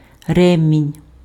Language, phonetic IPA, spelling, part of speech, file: Ukrainian, [ˈrɛmʲinʲ], ремінь, noun, Uk-ремінь.ogg
- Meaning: belt; strap